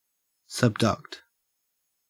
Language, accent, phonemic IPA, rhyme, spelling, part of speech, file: English, Australia, /sʌbˈdʌkt/, -ʌkt, subduct, verb, En-au-subduct.ogg
- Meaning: 1. To push under or below 2. To move downwards underneath something 3. To remove; to deduct; to take away; to disregard